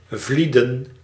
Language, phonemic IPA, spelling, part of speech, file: Dutch, /ˈvlidə(n)/, vlieden, verb, Nl-vlieden.ogg
- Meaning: 1. to flee, leave quickly 2. to seek refuge 3. to retreat 4. to depart 5. to disappear, dissipate 6. to avoid 7. to abstain from 8. to turn away from